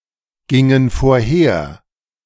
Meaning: inflection of vorhergehen: 1. first/third-person plural preterite 2. first/third-person plural subjunctive II
- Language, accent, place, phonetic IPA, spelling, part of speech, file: German, Germany, Berlin, [ˌɡɪŋən foːɐ̯ˈheːɐ̯], gingen vorher, verb, De-gingen vorher.ogg